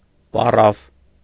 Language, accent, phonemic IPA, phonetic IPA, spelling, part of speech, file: Armenian, Eastern Armenian, /pɑˈrɑv/, [pɑrɑ́v], պառավ, noun / adjective, Hy-պառավ.ogg
- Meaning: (noun) old man or old woman (usually old woman); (adjective) old, aged (of a person)